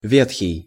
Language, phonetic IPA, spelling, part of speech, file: Russian, [ˈvʲetxʲɪj], ветхий, adjective, Ru-ветхий.ogg
- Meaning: 1. ancient, old 2. old, dilapidated, shabby, ramshackle, decrepit, rickety